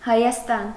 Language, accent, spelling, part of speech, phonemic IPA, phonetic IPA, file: Armenian, Eastern Armenian, Հայաստան, proper noun, /hɑjɑsˈtɑn/, [hɑjɑstɑ́n], Hy-Հայաստան.ogg
- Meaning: 1. Armenia (a country in the South Caucasus region of Asia, sometimes considered to belong politically to Europe) 2. a female given name, Hayastan and Hayasdan, transferred from the place name